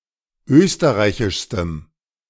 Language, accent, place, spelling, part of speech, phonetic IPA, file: German, Germany, Berlin, österreichischstem, adjective, [ˈøːstəʁaɪ̯çɪʃstəm], De-österreichischstem.ogg
- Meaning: strong dative masculine/neuter singular superlative degree of österreichisch